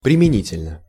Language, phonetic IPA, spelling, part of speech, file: Russian, [prʲɪmʲɪˈnʲitʲɪlʲnə], применительно, adverb, Ru-применительно.ogg
- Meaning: with reference, as applied